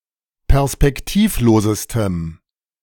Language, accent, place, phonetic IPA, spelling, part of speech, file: German, Germany, Berlin, [pɛʁspɛkˈtiːfˌloːzəstəm], perspektivlosestem, adjective, De-perspektivlosestem.ogg
- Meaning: strong dative masculine/neuter singular superlative degree of perspektivlos